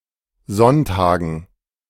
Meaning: dative plural of Sonntag
- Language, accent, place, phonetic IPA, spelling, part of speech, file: German, Germany, Berlin, [ˈzɔntaːɡn̩], Sonntagen, noun, De-Sonntagen.ogg